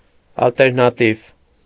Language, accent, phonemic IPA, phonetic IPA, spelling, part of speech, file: Armenian, Eastern Armenian, /ɑlteɾnɑˈtiv/, [ɑlteɾnɑtív], ալտերնատիվ, adjective, Hy-ալտերնատիվ.ogg
- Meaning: alternative